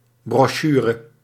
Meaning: a brochure, a booklet
- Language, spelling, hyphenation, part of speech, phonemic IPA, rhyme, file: Dutch, brochure, bro‧chu‧re, noun, /ˌbrɔˈʃyː.rə/, -yːrə, Nl-brochure.ogg